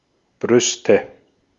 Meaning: nominative/accusative/genitive plural of Brust: breasts
- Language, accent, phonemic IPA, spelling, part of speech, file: German, Austria, /ˈbʁʏstə/, Brüste, noun, De-at-Brüste.ogg